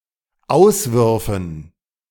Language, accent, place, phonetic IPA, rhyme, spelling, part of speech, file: German, Germany, Berlin, [ˈaʊ̯sˌvʏʁfn̩], -aʊ̯svʏʁfn̩, Auswürfen, noun, De-Auswürfen.ogg
- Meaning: dative plural of Auswurf